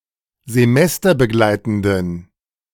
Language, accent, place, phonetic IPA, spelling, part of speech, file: German, Germany, Berlin, [zeˈmɛstɐbəˌɡlaɪ̯tn̩dən], semesterbegleitenden, adjective, De-semesterbegleitenden.ogg
- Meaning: inflection of semesterbegleitend: 1. strong genitive masculine/neuter singular 2. weak/mixed genitive/dative all-gender singular 3. strong/weak/mixed accusative masculine singular